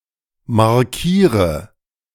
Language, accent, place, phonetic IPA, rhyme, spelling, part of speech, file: German, Germany, Berlin, [maʁˈkiːʁə], -iːʁə, markiere, verb, De-markiere.ogg
- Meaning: inflection of markieren: 1. first-person singular present 2. first/third-person singular subjunctive I 3. singular imperative